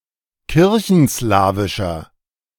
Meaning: inflection of kirchenslawisch: 1. strong/mixed nominative masculine singular 2. strong genitive/dative feminine singular 3. strong genitive plural
- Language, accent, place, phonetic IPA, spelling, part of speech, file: German, Germany, Berlin, [ˈkɪʁçn̩ˌslaːvɪʃɐ], kirchenslawischer, adjective, De-kirchenslawischer.ogg